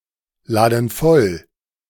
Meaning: inflection of vollladen: 1. first/third-person plural present 2. first/third-person plural subjunctive I
- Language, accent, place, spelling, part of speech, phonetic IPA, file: German, Germany, Berlin, laden voll, verb, [ˌlaːdn̩ ˈfɔl], De-laden voll.ogg